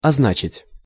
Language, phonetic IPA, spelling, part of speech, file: Russian, [ɐzˈnat͡ɕɪtʲ], означить, verb, Ru-означить.ogg
- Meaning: 1. to mean, to signify 2. to stand for, to represent, to betoken, to denote